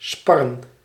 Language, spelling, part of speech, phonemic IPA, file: Dutch, sparren, verb / noun, /spɑrə(n)/, Nl-sparren.ogg
- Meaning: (verb) 1. to spar, to have a practice fight 2. to brainstorm, to exchange thoughts; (noun) plural of spar